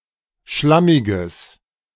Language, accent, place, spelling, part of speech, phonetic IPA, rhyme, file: German, Germany, Berlin, schlammiges, adjective, [ˈʃlamɪɡəs], -amɪɡəs, De-schlammiges.ogg
- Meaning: strong/mixed nominative/accusative neuter singular of schlammig